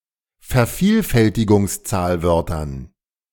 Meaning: dative plural of Vervielfältigungszahlwort
- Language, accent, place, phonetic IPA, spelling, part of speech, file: German, Germany, Berlin, [fɛɐ̯ˈfiːlfɛltɪɡʊŋsˌt͡saːlvœʁtɐn], Vervielfältigungszahlwörtern, noun, De-Vervielfältigungszahlwörtern.ogg